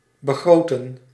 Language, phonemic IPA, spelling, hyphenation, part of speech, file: Dutch, /bəˈɣroːtə(n)/, begroten, be‧gro‧ten, verb, Nl-begroten.ogg
- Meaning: to budget, to appraise, to estimate